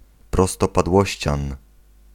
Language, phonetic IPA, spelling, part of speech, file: Polish, [ˌprɔstɔpadˈwɔɕt͡ɕãn], prostopadłościan, noun, Pl-prostopadłościan.ogg